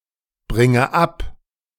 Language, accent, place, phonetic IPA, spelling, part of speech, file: German, Germany, Berlin, [ˌbʁɪŋə ˈap], bringe ab, verb, De-bringe ab.ogg
- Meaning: inflection of abbringen: 1. first-person singular present 2. first/third-person singular subjunctive I 3. singular imperative